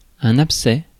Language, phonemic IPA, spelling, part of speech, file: French, /ap.sɛ/, abcès, noun, Fr-abcès.ogg
- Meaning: abscess